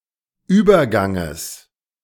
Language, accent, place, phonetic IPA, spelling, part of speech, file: German, Germany, Berlin, [ˈyːbɐˌɡaŋəs], Überganges, noun, De-Überganges.ogg
- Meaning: genitive singular of Übergang